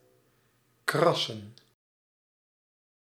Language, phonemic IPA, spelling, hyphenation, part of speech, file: Dutch, /ˈkrɑsə(n)/, krassen, kras‧sen, verb / noun, Nl-krassen.ogg
- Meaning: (verb) 1. to scratch on a hard, even surface 2. to make a similar sound, like certain voices grate and birds caw, croak, hoot or screech; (noun) plural of kras